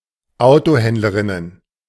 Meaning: plural of Autohändlerin
- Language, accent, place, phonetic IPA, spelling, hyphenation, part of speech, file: German, Germany, Berlin, [ˈaʊ̯toˌhɛndləʁɪnən], Autohändlerinnen, Auto‧händ‧le‧rin‧nen, noun, De-Autohändlerinnen.ogg